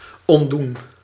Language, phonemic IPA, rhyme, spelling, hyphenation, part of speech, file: Dutch, /ˌɔntˈdun/, -un, ontdoen, ont‧doen, verb, Nl-ontdoen.ogg
- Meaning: 1. to doff (to remove or take off, especially of clothing) 2. to disabuse (free of a misconception) 3. to undo (to reverse)